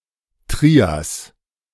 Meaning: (proper noun) the Triassic; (noun) trinity, triad (grouping of three)
- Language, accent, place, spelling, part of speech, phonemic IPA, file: German, Germany, Berlin, Trias, proper noun / noun, /ˈtʁiːas/, De-Trias.ogg